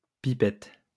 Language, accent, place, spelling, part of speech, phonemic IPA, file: French, France, Lyon, pipette, noun, /pi.pɛt/, LL-Q150 (fra)-pipette.wav
- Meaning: pipette